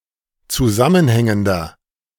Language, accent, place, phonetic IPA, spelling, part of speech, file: German, Germany, Berlin, [t͡suˈzamənˌhɛŋəndɐ], zusammenhängender, adjective, De-zusammenhängender.ogg
- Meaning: inflection of zusammenhängend: 1. strong/mixed nominative masculine singular 2. strong genitive/dative feminine singular 3. strong genitive plural